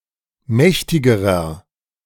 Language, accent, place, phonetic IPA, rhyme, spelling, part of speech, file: German, Germany, Berlin, [ˈmɛçtɪɡəʁɐ], -ɛçtɪɡəʁɐ, mächtigerer, adjective, De-mächtigerer.ogg
- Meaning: inflection of mächtig: 1. strong/mixed nominative masculine singular comparative degree 2. strong genitive/dative feminine singular comparative degree 3. strong genitive plural comparative degree